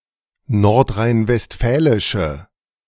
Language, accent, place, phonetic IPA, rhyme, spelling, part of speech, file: German, Germany, Berlin, [ˌnɔʁtʁaɪ̯nvɛstˈfɛːlɪʃə], -ɛːlɪʃə, nordrhein-westfälische, adjective, De-nordrhein-westfälische.ogg
- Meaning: inflection of nordrhein-westfälisch: 1. strong/mixed nominative/accusative feminine singular 2. strong nominative/accusative plural 3. weak nominative all-gender singular